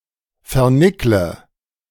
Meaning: inflection of vernickeln: 1. first-person singular present 2. first/third-person singular subjunctive I 3. singular imperative
- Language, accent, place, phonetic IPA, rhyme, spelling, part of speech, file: German, Germany, Berlin, [fɛɐ̯ˈnɪklə], -ɪklə, vernickle, verb, De-vernickle.ogg